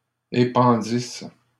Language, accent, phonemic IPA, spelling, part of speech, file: French, Canada, /e.pɑ̃.dis/, épandisse, verb, LL-Q150 (fra)-épandisse.wav
- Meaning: first-person singular imperfect subjunctive of épandre